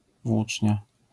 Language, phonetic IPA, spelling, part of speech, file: Polish, [ˈvwut͡ʃʲɲa], włócznia, noun, LL-Q809 (pol)-włócznia.wav